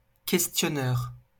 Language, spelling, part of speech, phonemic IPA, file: French, questionneur, noun, /kɛs.tjɔ.nœʁ/, LL-Q150 (fra)-questionneur.wav
- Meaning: questioner